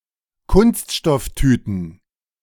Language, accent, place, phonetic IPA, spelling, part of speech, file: German, Germany, Berlin, [ˈkʊnstʃtɔfˌtyːtn̩], Kunststofftüten, noun, De-Kunststofftüten.ogg
- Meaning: plural of Kunststofftüte